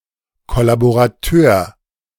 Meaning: collaborator, collaborationist
- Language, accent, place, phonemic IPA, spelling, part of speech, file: German, Germany, Berlin, /ˌkɔlaboʁaˈtøːɐ̯/, Kollaborateur, noun, De-Kollaborateur.ogg